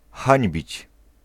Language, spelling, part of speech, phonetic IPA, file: Polish, hańbić, verb, [ˈxãɲbʲit͡ɕ], Pl-hańbić.ogg